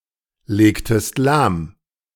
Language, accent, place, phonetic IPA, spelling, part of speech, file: German, Germany, Berlin, [ˌleːktəst ˈlaːm], legtest lahm, verb, De-legtest lahm.ogg
- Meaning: inflection of lahmlegen: 1. second-person singular preterite 2. second-person singular subjunctive II